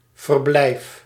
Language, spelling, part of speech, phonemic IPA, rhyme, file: Dutch, verblijf, noun / verb, /vərˈblɛi̯f/, -ɛi̯f, Nl-verblijf.ogg
- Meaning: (noun) 1. a stay 2. a place where a stay is possible; a home, residence; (verb) inflection of verblijven: 1. first-person singular present indicative 2. second-person singular present indicative